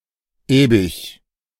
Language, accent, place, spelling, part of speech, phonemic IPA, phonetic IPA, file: German, Germany, Berlin, äbich, adjective, /ˈɛːbiç/, [ˈeːbɪç], De-äbich.ogg
- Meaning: inside out (with the inside surface turned to be on the outside)